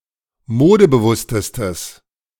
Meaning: strong/mixed nominative/accusative neuter singular superlative degree of modebewusst
- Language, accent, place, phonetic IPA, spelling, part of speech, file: German, Germany, Berlin, [ˈmoːdəbəˌvʊstəstəs], modebewusstestes, adjective, De-modebewusstestes.ogg